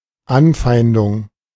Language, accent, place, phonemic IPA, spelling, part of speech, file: German, Germany, Berlin, /ˈanˌfaɪ̯ndʊŋ/, Anfeindung, noun, De-Anfeindung.ogg
- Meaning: 1. hostility 2. an instance of hostilities; a hostile action; a confrontation or attack